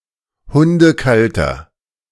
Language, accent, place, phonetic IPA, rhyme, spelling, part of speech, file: German, Germany, Berlin, [ˌhʊndəˈkaltɐ], -altɐ, hundekalter, adjective, De-hundekalter.ogg
- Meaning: inflection of hundekalt: 1. strong/mixed nominative masculine singular 2. strong genitive/dative feminine singular 3. strong genitive plural